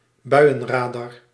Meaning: weather radar
- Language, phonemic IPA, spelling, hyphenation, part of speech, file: Dutch, /ˈbœy̯.ə(n)ˌraː.dɑr/, buienradar, bui‧en‧ra‧dar, noun, Nl-buienradar.ogg